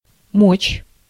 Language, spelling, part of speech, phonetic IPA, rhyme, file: Russian, мочь, verb / noun, [mot͡ɕ], -ot͡ɕ, Ru-мочь.ogg
- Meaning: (verb) 1. can, be able to 2. may; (noun) power, might